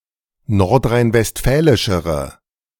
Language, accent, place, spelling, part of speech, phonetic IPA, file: German, Germany, Berlin, nordrhein-westfälischere, adjective, [ˌnɔʁtʁaɪ̯nvɛstˈfɛːlɪʃəʁə], De-nordrhein-westfälischere.ogg
- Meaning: inflection of nordrhein-westfälisch: 1. strong/mixed nominative/accusative feminine singular comparative degree 2. strong nominative/accusative plural comparative degree